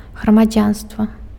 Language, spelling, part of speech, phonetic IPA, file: Belarusian, грамадзянства, noun, [ɣramaˈd͡zʲanstva], Be-грамадзянства.ogg
- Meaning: 1. citizenship 2. society